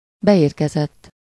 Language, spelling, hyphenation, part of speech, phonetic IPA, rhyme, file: Hungarian, beérkezett, be‧ér‧ke‧zett, verb / adjective, [ˈbɛjeːrkɛzɛtː], -ɛtː, Hu-beérkezett.ogg
- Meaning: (verb) 1. third-person singular indicative past indefinite of beérkezik 2. past participle of beérkezik; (adjective) 1. received 2. established